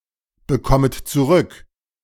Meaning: second-person plural subjunctive I of zurückbekommen
- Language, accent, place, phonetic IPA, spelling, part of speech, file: German, Germany, Berlin, [bəˌkɔmət t͡suˈʁʏk], bekommet zurück, verb, De-bekommet zurück.ogg